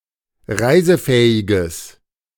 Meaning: strong/mixed nominative/accusative neuter singular of reisefähig
- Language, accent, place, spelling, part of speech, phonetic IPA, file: German, Germany, Berlin, reisefähiges, adjective, [ˈʁaɪ̯zəˌfɛːɪɡəs], De-reisefähiges.ogg